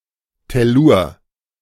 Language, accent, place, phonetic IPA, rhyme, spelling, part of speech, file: German, Germany, Berlin, [tɛˈluːɐ̯], -uːɐ̯, Tellur, noun, De-Tellur.ogg
- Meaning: tellurium